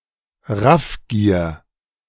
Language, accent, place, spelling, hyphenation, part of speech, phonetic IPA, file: German, Germany, Berlin, Raffgier, Raff‧gier, noun, [ˈʁafɡiːɐ̯], De-Raffgier.ogg
- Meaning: greed